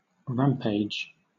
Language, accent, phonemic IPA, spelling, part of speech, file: English, Southern England, /ˈɹæmpeɪd͡ʒ/, rampage, noun / verb, LL-Q1860 (eng)-rampage.wav
- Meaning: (noun) 1. A course of violent, frenzied action 2. Wild partying, typically a drinking binge; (verb) To move about wildly or violently